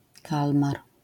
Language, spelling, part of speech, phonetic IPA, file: Polish, kalmar, noun, [ˈkalmar], LL-Q809 (pol)-kalmar.wav